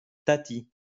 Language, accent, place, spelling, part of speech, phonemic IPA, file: French, France, Lyon, tatie, noun, /ta.ti/, LL-Q150 (fra)-tatie.wav
- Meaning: auntie